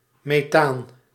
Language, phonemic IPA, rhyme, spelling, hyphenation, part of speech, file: Dutch, /meːˈtaːn/, -aːn, methaan, me‧thaan, noun, Nl-methaan.ogg
- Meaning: methane